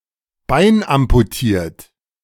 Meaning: having lost a leg due to an amputation
- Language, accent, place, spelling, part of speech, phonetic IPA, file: German, Germany, Berlin, beinamputiert, adjective, [ˈbaɪ̯nʔampuˌtiːɐ̯t], De-beinamputiert.ogg